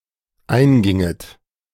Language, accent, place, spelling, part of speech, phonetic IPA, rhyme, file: German, Germany, Berlin, einginget, verb, [ˈaɪ̯nˌɡɪŋət], -aɪ̯nɡɪŋət, De-einginget.ogg
- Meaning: second-person plural dependent subjunctive II of eingehen